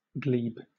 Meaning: 1. Turf; soil; ground; sod 2. In medieval Europe, an area of land, belonging to a parish, whose revenues contributed towards the parish expenses 3. A field or meadow 4. A piece of earth containing ore
- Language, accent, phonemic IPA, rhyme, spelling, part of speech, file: English, Southern England, /ɡliːb/, -iːb, glebe, noun, LL-Q1860 (eng)-glebe.wav